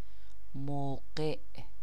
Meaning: time, moment (instance of time)
- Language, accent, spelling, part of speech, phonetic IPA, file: Persian, Iran, موقع, noun, [mow.ɢéʔ], Fa-موقع.ogg